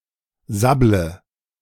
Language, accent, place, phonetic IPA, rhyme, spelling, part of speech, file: German, Germany, Berlin, [ˈzablə], -ablə, sabble, verb, De-sabble.ogg
- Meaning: inflection of sabbeln: 1. first-person singular present 2. singular imperative 3. first/third-person singular subjunctive I